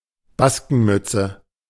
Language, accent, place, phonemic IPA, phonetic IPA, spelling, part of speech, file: German, Germany, Berlin, /ˈbaskənˌmʏtsə/, [ˈbas.kŋ̍ˌmʏ.t͡sə], Baskenmütze, noun, De-Baskenmütze.ogg
- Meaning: a flat beret with a small point on top (originally from the Pyrenees, now widespread)